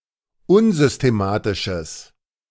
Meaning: strong/mixed nominative/accusative neuter singular of unsystematisch
- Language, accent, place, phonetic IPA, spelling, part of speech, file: German, Germany, Berlin, [ˈʊnzʏsteˌmaːtɪʃəs], unsystematisches, adjective, De-unsystematisches.ogg